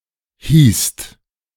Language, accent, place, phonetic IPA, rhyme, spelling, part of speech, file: German, Germany, Berlin, [hiːst], -iːst, hießt, verb, De-hießt.ogg
- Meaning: second-person singular/plural preterite of heißen